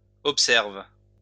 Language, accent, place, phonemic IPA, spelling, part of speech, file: French, France, Lyon, /ɔp.sɛʁv/, observe, verb, LL-Q150 (fra)-observe.wav
- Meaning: inflection of observer: 1. first/third-person singular present indicative/subjunctive 2. second-person singular imperative